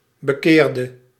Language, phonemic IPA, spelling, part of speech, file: Dutch, /bəˈkerdə/, bekeerde, verb, Nl-bekeerde.ogg
- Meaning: inflection of bekeren: 1. singular past indicative 2. singular past subjunctive